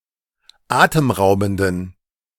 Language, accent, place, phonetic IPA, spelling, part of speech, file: German, Germany, Berlin, [ˈaːtəmˌʁaʊ̯bn̩dən], atemraubenden, adjective, De-atemraubenden.ogg
- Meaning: inflection of atemraubend: 1. strong genitive masculine/neuter singular 2. weak/mixed genitive/dative all-gender singular 3. strong/weak/mixed accusative masculine singular 4. strong dative plural